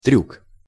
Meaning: trick, stunt, feat
- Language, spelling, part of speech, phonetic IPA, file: Russian, трюк, noun, [trʲuk], Ru-трюк.ogg